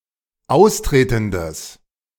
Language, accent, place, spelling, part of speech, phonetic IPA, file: German, Germany, Berlin, austretendes, adjective, [ˈaʊ̯sˌtʁeːtn̩dəs], De-austretendes.ogg
- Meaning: strong/mixed nominative/accusative neuter singular of austretend